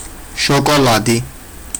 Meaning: chocolate
- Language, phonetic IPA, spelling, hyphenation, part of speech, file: Georgian, [ʃo̞kʼo̞ɫädi], შოკოლადი, შო‧კო‧ლა‧დი, noun, Ka-shokoladi.ogg